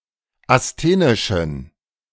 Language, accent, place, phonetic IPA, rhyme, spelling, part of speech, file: German, Germany, Berlin, [asˈteːnɪʃn̩], -eːnɪʃn̩, asthenischen, adjective, De-asthenischen.ogg
- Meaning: inflection of asthenisch: 1. strong genitive masculine/neuter singular 2. weak/mixed genitive/dative all-gender singular 3. strong/weak/mixed accusative masculine singular 4. strong dative plural